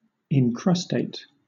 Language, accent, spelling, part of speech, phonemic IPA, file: English, Southern England, incrustate, verb / adjective, /ɪŋˈkɹʌsteɪt/, LL-Q1860 (eng)-incrustate.wav
- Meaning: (verb) To encrust; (adjective) Encrusted